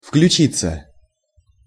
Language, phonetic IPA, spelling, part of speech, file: Russian, [fklʲʉˈt͡ɕit͡sːə], включиться, verb, Ru-включиться.ogg
- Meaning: 1. to be included in, to become part of 2. to join, to take part 3. passive of включи́ть (vključítʹ)